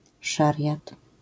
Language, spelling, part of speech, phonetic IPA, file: Polish, szariat, noun, [ˈʃarʲjat], LL-Q809 (pol)-szariat.wav